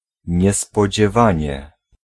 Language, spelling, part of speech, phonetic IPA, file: Polish, niespodziewanie, adverb, [ˌɲɛspɔd͡ʑɛˈvãɲɛ], Pl-niespodziewanie.ogg